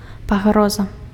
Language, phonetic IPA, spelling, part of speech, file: Belarusian, [paˈɣroza], пагроза, noun, Be-пагроза.ogg
- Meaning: threat